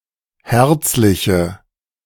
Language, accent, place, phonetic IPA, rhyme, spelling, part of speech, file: German, Germany, Berlin, [ˈhɛʁt͡slɪçə], -ɛʁt͡slɪçə, herzliche, adjective, De-herzliche.ogg
- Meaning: inflection of herzlich: 1. strong/mixed nominative/accusative feminine singular 2. strong nominative/accusative plural 3. weak nominative all-gender singular